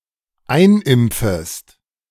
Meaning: second-person singular dependent subjunctive I of einimpfen
- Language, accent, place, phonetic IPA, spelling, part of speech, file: German, Germany, Berlin, [ˈaɪ̯nˌʔɪmp͡fəst], einimpfest, verb, De-einimpfest.ogg